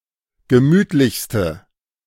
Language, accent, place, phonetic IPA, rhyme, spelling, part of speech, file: German, Germany, Berlin, [ɡəˈmyːtlɪçstə], -yːtlɪçstə, gemütlichste, adjective, De-gemütlichste.ogg
- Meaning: inflection of gemütlich: 1. strong/mixed nominative/accusative feminine singular superlative degree 2. strong nominative/accusative plural superlative degree